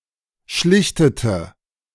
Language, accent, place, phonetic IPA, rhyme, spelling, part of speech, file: German, Germany, Berlin, [ˈʃlɪçtətə], -ɪçtətə, schlichtete, verb, De-schlichtete.ogg
- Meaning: inflection of schlichten: 1. first/third-person singular preterite 2. first/third-person singular subjunctive II